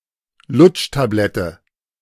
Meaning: lozenge
- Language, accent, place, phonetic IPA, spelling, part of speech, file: German, Germany, Berlin, [ˈlʊt͡ʃtaˌblɛtə], Lutschtablette, noun, De-Lutschtablette.ogg